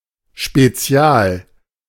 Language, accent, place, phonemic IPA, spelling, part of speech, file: German, Germany, Berlin, /ʃpeˈt͡si̯aːl/, spezial, adjective, De-spezial.ogg
- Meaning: special